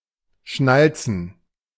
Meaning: 1. to click (one's tongue) 2. To snap one's fingers
- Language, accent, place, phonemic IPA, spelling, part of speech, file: German, Germany, Berlin, /ˈʃnalt͡sən/, schnalzen, verb, De-schnalzen.ogg